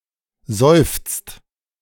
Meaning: inflection of seufzen: 1. second/third-person singular present 2. second-person plural present 3. plural imperative
- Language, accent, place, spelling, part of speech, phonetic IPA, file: German, Germany, Berlin, seufzt, verb, [zɔɪ̯ft͡st], De-seufzt.ogg